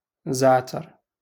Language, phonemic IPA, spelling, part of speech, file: Moroccan Arabic, /zaʕ.tar/, زعتر, noun, LL-Q56426 (ary)-زعتر.wav
- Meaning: thyme